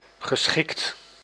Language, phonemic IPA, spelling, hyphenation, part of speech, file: Dutch, /ɣəˈsxɪkt/, geschikt, ge‧schikt, adjective / verb, Nl-geschikt.ogg
- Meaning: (adjective) 1. adequate, suitable, appropriate 2. friendly, amiable (when talking about a person); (verb) past participle of schikken